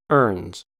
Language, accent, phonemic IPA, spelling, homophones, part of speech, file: English, US, /ɝːnz/, ernes, earns / erns / urns, noun, En-us-ernes.ogg
- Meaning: plural of erne